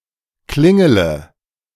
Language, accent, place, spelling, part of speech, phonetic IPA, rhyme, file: German, Germany, Berlin, klingele, verb, [ˈklɪŋələ], -ɪŋələ, De-klingele.ogg
- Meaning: inflection of klingeln: 1. first-person singular present 2. singular imperative 3. first/third-person singular subjunctive I